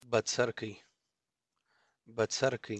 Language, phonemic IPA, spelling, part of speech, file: Pashto, /bəˈt͡sər.kaɪ/, بڅرکی, noun, بڅرکی.ogg
- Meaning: spark of fire